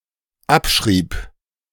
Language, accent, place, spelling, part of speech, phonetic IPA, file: German, Germany, Berlin, abschrieb, verb, [ˈapˌʃʁiːp], De-abschrieb.ogg
- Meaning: first/third-person singular dependent preterite of abschreiben